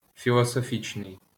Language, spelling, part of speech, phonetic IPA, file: Ukrainian, філософічний, adjective, [fʲiɫɔˈsɔfsʲkei̯], LL-Q8798 (ukr)-філософічний.wav
- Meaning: philosophical, philosophic